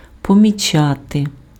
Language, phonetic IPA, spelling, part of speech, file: Ukrainian, [pɔmʲiˈt͡ʃate], помічати, verb, Uk-помічати.ogg
- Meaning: to notice, to note